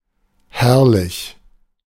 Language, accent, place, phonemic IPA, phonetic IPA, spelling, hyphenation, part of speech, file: German, Germany, Berlin, /ˈhɛʁlɪç/, [ˈhɛɐ̯lɪç], herrlich, herr‧lich, adjective, De-herrlich.ogg
- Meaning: fantastic; marvelous; wonderful; splendid; glorious; lovely